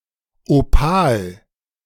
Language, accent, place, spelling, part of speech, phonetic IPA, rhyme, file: German, Germany, Berlin, Opal, noun, [oˈpaːl], -aːl, De-Opal.ogg
- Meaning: opal